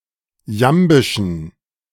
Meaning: inflection of jambisch: 1. strong genitive masculine/neuter singular 2. weak/mixed genitive/dative all-gender singular 3. strong/weak/mixed accusative masculine singular 4. strong dative plural
- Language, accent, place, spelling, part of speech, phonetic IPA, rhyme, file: German, Germany, Berlin, jambischen, adjective, [ˈjambɪʃn̩], -ambɪʃn̩, De-jambischen.ogg